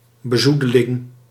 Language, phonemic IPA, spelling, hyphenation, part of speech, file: Dutch, /bəˈzu.də.lɪŋ/, bezoedeling, be‧zoe‧de‧ling, noun, Nl-bezoedeling.ogg
- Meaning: sullying, besmirching